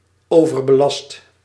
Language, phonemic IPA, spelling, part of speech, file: Dutch, /ˌovərbəˈlɑst/, overbelast, adjective / verb, Nl-overbelast.ogg
- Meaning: 1. inflection of overbelasten: first/second/third-person singular present indicative 2. inflection of overbelasten: imperative 3. past participle of overbelasten